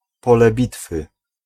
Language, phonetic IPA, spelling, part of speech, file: Polish, [ˈpɔlɛ ˈbʲitfɨ], pole bitwy, noun, Pl-pole bitwy.ogg